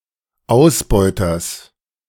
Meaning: genitive singular of Ausbeuter
- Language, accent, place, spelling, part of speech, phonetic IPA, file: German, Germany, Berlin, Ausbeuters, noun, [ˈaʊ̯sˌbɔɪ̯tɐs], De-Ausbeuters.ogg